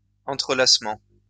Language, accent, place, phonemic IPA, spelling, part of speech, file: French, France, Lyon, /ɑ̃.tʁə.las.mɑ̃/, entrelacement, noun, LL-Q150 (fra)-entrelacement.wav
- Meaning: 1. interlacing 2. interweaving 3. A medieval French literary technique in which multiple narratives are interlaced into one coherent whole, allowing for moral and ironic commentary